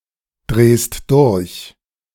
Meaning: second-person singular present of durchdrehen
- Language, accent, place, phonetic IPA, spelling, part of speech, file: German, Germany, Berlin, [ˌdʁeːst ˈdʊʁç], drehst durch, verb, De-drehst durch.ogg